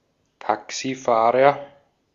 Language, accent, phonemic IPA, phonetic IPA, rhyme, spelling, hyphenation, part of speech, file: German, Austria, /ˈtaksiˌfaːʁəʁ/, [ˈtʰaksiˌfaːʁɐ], -aːʁɐ, Taxifahrer, Ta‧xi‧fah‧rer, noun, De-at-Taxifahrer.ogg
- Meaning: taxi driver, cabdriver, cabbie (male or of unspecified sex)